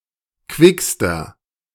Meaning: inflection of quick: 1. strong/mixed nominative masculine singular superlative degree 2. strong genitive/dative feminine singular superlative degree 3. strong genitive plural superlative degree
- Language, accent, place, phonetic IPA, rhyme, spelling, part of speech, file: German, Germany, Berlin, [ˈkvɪkstɐ], -ɪkstɐ, quickster, adjective, De-quickster.ogg